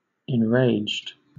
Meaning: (adjective) 1. Angered, made furious, made full of rage 2. Insane, mad; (verb) simple past and past participle of enrage
- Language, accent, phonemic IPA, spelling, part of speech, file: English, Southern England, /ɛnˈɹeɪ̯d͡ʒd/, enraged, adjective / verb, LL-Q1860 (eng)-enraged.wav